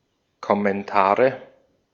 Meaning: nominative/accusative/genitive plural of Kommentar
- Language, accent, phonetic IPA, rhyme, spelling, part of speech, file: German, Austria, [kɔmɛnˈtaːʁə], -aːʁə, Kommentare, noun, De-at-Kommentare.ogg